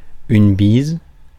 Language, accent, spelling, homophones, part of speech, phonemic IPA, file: French, France, bise, bisent / bises, noun / adjective, /biz/, Fr-bise.ogg
- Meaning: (noun) 1. north wind; northeasterly (wind) 2. kiss (non-romantic kiss on the cheek); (adjective) feminine singular of bis